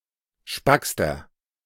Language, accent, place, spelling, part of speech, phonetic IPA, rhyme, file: German, Germany, Berlin, spackster, adjective, [ˈʃpakstɐ], -akstɐ, De-spackster.ogg
- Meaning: inflection of spack: 1. strong/mixed nominative masculine singular superlative degree 2. strong genitive/dative feminine singular superlative degree 3. strong genitive plural superlative degree